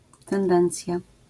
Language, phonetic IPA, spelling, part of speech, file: Polish, [tɛ̃nˈdɛ̃nt͡sʲja], tendencja, noun, LL-Q809 (pol)-tendencja.wav